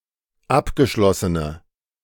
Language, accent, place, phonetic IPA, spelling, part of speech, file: German, Germany, Berlin, [ˈapɡəˌʃlɔsənə], abgeschlossene, adjective, De-abgeschlossene.ogg
- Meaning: inflection of abgeschlossen: 1. strong/mixed nominative/accusative feminine singular 2. strong nominative/accusative plural 3. weak nominative all-gender singular